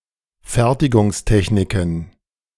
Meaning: plural of Fertigungstechnik
- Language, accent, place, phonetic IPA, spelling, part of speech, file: German, Germany, Berlin, [ˈfɛʁtɪɡʊŋsˌtɛçnɪkn̩], Fertigungstechniken, noun, De-Fertigungstechniken.ogg